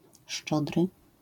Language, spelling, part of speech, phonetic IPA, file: Polish, szczodry, adjective, [ˈʃt͡ʃɔdrɨ], LL-Q809 (pol)-szczodry.wav